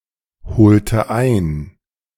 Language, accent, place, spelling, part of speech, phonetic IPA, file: German, Germany, Berlin, holte ein, verb, [ˌhoːltə ˈaɪ̯n], De-holte ein.ogg
- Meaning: inflection of einholen: 1. first/third-person singular preterite 2. first/third-person singular subjunctive II